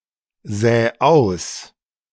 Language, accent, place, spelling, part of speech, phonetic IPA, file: German, Germany, Berlin, sä aus, verb, [ˌzɛː ˈaʊ̯s], De-sä aus.ogg
- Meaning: 1. singular imperative of aussäen 2. first-person singular present of aussäen